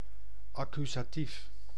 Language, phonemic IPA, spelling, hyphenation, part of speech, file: Dutch, /ˈɑ.ky.zaːˌtif/, accusatief, ac‧cu‧sa‧tief, noun, Nl-accusatief.ogg
- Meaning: accusative case